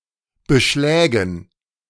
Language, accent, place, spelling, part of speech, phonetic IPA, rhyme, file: German, Germany, Berlin, Beschlägen, noun, [bəˈʃlɛːɡn̩], -ɛːɡn̩, De-Beschlägen.ogg
- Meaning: dative plural of Beschlag